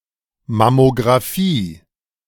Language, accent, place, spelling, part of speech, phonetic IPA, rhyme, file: German, Germany, Berlin, Mammografie, noun, [mamoɡʁaˈfiː], -iː, De-Mammografie.ogg
- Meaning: mammography